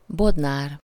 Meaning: cooper
- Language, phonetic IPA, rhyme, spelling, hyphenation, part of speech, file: Hungarian, [ˈbodnaːr], -aːr, bodnár, bod‧nár, noun, Hu-bodnár.ogg